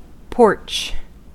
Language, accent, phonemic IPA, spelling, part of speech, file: English, US, /pɔɹt͡ʃ/, porch, noun, En-us-porch.ogg